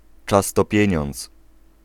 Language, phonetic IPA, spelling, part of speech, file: Polish, [ˈt͡ʃas ˈtɔ ˈpʲjɛ̇̃ɲɔ̃nt͡s], czas to pieniądz, proverb, Pl-czas to pieniądz.ogg